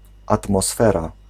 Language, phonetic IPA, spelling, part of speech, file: Polish, [ˌatmɔˈsfɛra], atmosfera, noun, Pl-atmosfera.ogg